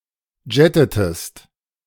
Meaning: inflection of jetten: 1. second-person singular preterite 2. second-person singular subjunctive II
- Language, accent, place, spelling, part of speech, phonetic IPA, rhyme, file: German, Germany, Berlin, jettetest, verb, [ˈd͡ʒɛtətəst], -ɛtətəst, De-jettetest.ogg